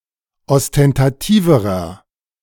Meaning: inflection of ostentativ: 1. strong/mixed nominative masculine singular comparative degree 2. strong genitive/dative feminine singular comparative degree 3. strong genitive plural comparative degree
- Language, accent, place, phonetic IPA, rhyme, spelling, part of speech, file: German, Germany, Berlin, [ɔstɛntaˈtiːvəʁɐ], -iːvəʁɐ, ostentativerer, adjective, De-ostentativerer.ogg